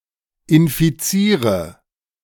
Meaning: inflection of infizieren: 1. first-person singular present 2. first/third-person singular subjunctive I 3. singular imperative
- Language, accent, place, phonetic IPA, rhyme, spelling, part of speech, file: German, Germany, Berlin, [ɪnfiˈt͡siːʁə], -iːʁə, infiziere, verb, De-infiziere.ogg